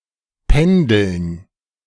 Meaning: dative plural of Pendel
- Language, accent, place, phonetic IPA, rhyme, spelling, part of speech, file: German, Germany, Berlin, [ˈpɛndl̩n], -ɛndl̩n, Pendeln, noun, De-Pendeln.ogg